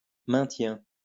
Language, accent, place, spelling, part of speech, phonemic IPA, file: French, France, Lyon, maintien, noun, /mɛ̃.tjɛ̃/, LL-Q150 (fra)-maintien.wav
- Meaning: 1. upkeep 2. maintaining 3. demeanor, behavior 4. survival